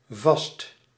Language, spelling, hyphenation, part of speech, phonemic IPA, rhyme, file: Dutch, vast, vast, adjective / adverb / verb, /vɑst/, -ɑst, Nl-vast.ogg
- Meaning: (adjective) 1. firm, fast, tight 2. fixed, not moving or changing 3. stuck, unable to get out 4. in the solid state 5. perennial 6. using a landline; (adverb) almost; about; close to